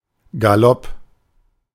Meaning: gallop
- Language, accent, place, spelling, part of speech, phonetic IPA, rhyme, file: German, Germany, Berlin, Galopp, noun, [ɡaˈlɔp], -ɔp, De-Galopp.ogg